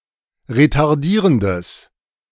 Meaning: strong/mixed nominative/accusative neuter singular of retardierend
- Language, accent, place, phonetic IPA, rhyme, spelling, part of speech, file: German, Germany, Berlin, [ʁetaʁˈdiːʁəndəs], -iːʁəndəs, retardierendes, adjective, De-retardierendes.ogg